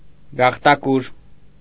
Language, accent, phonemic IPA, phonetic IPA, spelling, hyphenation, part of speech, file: Armenian, Eastern Armenian, /ɡɑχtɑˈkuɾ/, [ɡɑχtɑkúɾ], գաղտակուր, գաղ‧տա‧կուր, noun, Hy-գաղտակուր.ogg
- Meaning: 1. pearl oyster 2. pearl shell